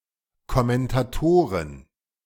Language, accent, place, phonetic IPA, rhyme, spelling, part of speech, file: German, Germany, Berlin, [kɔmɛntaˈtoːʁən], -oːʁən, Kommentatoren, noun, De-Kommentatoren.ogg
- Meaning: plural of Kommentator